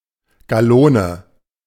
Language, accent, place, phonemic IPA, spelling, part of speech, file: German, Germany, Berlin, /ɡaˈloːnə/, Gallone, noun, De-Gallone.ogg
- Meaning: gallon